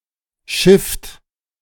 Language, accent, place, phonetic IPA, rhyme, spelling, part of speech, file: German, Germany, Berlin, [ʃɪft], -ɪft, schifft, verb, De-schifft.ogg
- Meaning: inflection of schiffen: 1. third-person singular present 2. second-person plural present 3. plural imperative